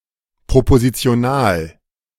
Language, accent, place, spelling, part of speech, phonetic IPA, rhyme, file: German, Germany, Berlin, propositional, adjective, [pʁopozit͡si̯oˈnaːl], -aːl, De-propositional.ogg
- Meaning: propositional